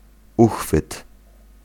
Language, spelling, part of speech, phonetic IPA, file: Polish, uchwyt, noun, [ˈuxfɨt], Pl-uchwyt.ogg